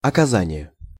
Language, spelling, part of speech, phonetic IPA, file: Russian, оказание, noun, [ɐkɐˈzanʲɪje], Ru-оказание.ogg
- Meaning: rendering